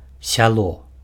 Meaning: village
- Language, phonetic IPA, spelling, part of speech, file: Belarusian, [sʲaˈɫo], сяло, noun, Be-сяло.ogg